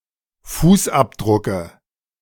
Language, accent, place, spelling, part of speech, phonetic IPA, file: German, Germany, Berlin, Fußabdrucke, noun, [ˈfuːsˌʔapdʁʊkə], De-Fußabdrucke.ogg
- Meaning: dative singular of Fußabdruck